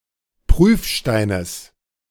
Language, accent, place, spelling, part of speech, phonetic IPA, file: German, Germany, Berlin, Prüfsteines, noun, [ˈpʁyːfˌʃtaɪ̯nəs], De-Prüfsteines.ogg
- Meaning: genitive of Prüfstein